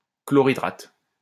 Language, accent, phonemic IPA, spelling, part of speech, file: French, France, /klɔ.ʁi.dʁat/, chlorhydrate, noun, LL-Q150 (fra)-chlorhydrate.wav
- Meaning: hydrochloride